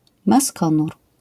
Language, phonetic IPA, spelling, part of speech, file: Polish, [maˈskɔ̃nur], maskonur, noun, LL-Q809 (pol)-maskonur.wav